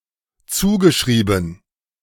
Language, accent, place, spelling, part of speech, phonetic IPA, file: German, Germany, Berlin, zugeschrieben, verb, [ˈt͡suːɡəˌʃʁiːbn̩], De-zugeschrieben.ogg
- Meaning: past participle of zuschreiben